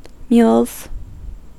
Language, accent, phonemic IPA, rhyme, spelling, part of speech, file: English, US, /mjuːlz/, -uːlz, mules, noun / verb, En-us-mules.ogg
- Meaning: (noun) plural of mule; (verb) 1. third-person singular simple present indicative of mule 2. To remove skin from (an animal) to prevent myiasis